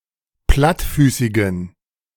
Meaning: inflection of plattfüßig: 1. strong genitive masculine/neuter singular 2. weak/mixed genitive/dative all-gender singular 3. strong/weak/mixed accusative masculine singular 4. strong dative plural
- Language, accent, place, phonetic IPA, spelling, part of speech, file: German, Germany, Berlin, [ˈplatˌfyːsɪɡn̩], plattfüßigen, adjective, De-plattfüßigen.ogg